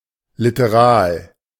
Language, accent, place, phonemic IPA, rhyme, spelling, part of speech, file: German, Germany, Berlin, /ˌlɪtəˈʁaːl/, -aːl, literal, adjective, De-literal.ogg
- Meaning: literate (of cultures, etc., not of individuals)